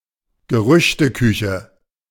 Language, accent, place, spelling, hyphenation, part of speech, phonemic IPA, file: German, Germany, Berlin, Gerüchteküche, Ge‧rüch‧te‧kü‧che, noun, /ɡəˈʁʏçtəˌkʏçə/, De-Gerüchteküche.ogg
- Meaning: rumor mill